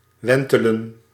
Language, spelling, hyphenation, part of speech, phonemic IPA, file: Dutch, wentelen, wen‧te‧len, verb, /ˈʋɛn.tə.lə(n)/, Nl-wentelen.ogg
- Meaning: 1. to rotate, turn 2. to rotate, turn over 3. to revolve, wind 4. to wallow, roll over